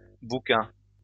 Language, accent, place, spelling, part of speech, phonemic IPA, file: French, France, Lyon, bouquins, noun, /bu.kɛ̃/, LL-Q150 (fra)-bouquins.wav
- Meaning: plural of bouquin